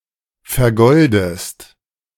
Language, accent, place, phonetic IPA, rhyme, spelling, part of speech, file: German, Germany, Berlin, [fɛɐ̯ˈɡɔldəst], -ɔldəst, vergoldest, verb, De-vergoldest.ogg
- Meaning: inflection of vergolden: 1. second-person singular present 2. second-person singular subjunctive I